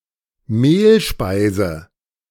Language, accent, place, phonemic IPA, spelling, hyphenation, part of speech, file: German, Germany, Berlin, /ˈmeːlˌʃpaɪ̯zə/, Mehlspeise, Mehl‧spei‧se, noun, De-Mehlspeise.ogg
- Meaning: 1. Any food made with flour, sometimes also milk, butter, and eggs 2. any sugary food made with flour, usually also milk, butter, and eggs (e.g., cake, strudel, sweet dumplings, sweet noodles, etc.)